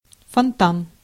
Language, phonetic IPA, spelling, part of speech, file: Russian, [fɐnˈtan], фонтан, noun, Ru-фонтан.ogg
- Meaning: fountain